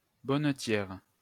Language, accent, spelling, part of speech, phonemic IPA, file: French, France, bonnetière, noun, /bɔ.nə.tjɛʁ/, LL-Q150 (fra)-bonnetière.wav
- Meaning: female equivalent of bonnetier